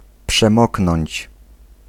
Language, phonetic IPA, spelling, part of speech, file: Polish, [pʃɛ̃ˈmɔknɔ̃ɲt͡ɕ], przemoknąć, verb, Pl-przemoknąć.ogg